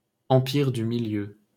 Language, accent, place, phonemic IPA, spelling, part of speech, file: French, France, Paris, /ɑ̃.piʁ dy mi.ljø/, Empire du Milieu, proper noun, LL-Q150 (fra)-Empire du Milieu.wav
- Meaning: the Middle Kingdom (China)